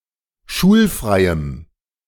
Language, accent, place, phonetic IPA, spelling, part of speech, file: German, Germany, Berlin, [ˈʃuːlˌfʁaɪ̯əm], schulfreiem, adjective, De-schulfreiem.ogg
- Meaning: strong dative masculine/neuter singular of schulfrei